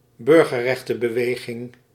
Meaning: civil rights movement
- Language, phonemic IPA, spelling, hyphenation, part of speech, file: Dutch, /ˈbʏr.ɣə(r).rɛx.tə(n).bəˌʋeː.ɣɪŋ/, burgerrechtenbeweging, bur‧ger‧rech‧ten‧be‧we‧ging, noun, Nl-burgerrechtenbeweging.ogg